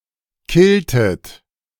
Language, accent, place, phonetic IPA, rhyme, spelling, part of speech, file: German, Germany, Berlin, [ˈkɪltət], -ɪltət, killtet, verb, De-killtet.ogg
- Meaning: inflection of killen: 1. second-person plural preterite 2. second-person plural subjunctive II